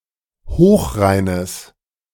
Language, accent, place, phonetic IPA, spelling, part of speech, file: German, Germany, Berlin, [ˈhoːxˌʁaɪ̯nəs], hochreines, adjective, De-hochreines.ogg
- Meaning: strong/mixed nominative/accusative neuter singular of hochrein